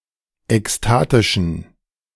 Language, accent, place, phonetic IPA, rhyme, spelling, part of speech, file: German, Germany, Berlin, [ɛksˈtaːtɪʃn̩], -aːtɪʃn̩, ekstatischen, adjective, De-ekstatischen.ogg
- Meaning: inflection of ekstatisch: 1. strong genitive masculine/neuter singular 2. weak/mixed genitive/dative all-gender singular 3. strong/weak/mixed accusative masculine singular 4. strong dative plural